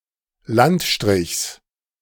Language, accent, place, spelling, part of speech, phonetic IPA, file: German, Germany, Berlin, Landstrichs, noun, [ˈlantˌʃtʁɪçs], De-Landstrichs.ogg
- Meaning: genitive singular of Landstrich